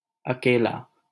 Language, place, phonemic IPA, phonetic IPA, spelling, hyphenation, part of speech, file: Hindi, Delhi, /ə.keː.lɑː/, [ɐ.keː.läː], अकेला, अ‧के‧ला, adjective, LL-Q1568 (hin)-अकेला.wav
- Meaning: 1. alone 2. singular, unique